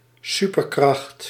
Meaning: 1. an exceptional strength 2. a supernatural and/or fictional superpower, as often ascribed to mythological characters and superheroes
- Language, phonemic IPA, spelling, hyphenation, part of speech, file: Dutch, /ˈsypərˌkrɑxt/, superkracht, su‧per‧kracht, noun, Nl-superkracht.ogg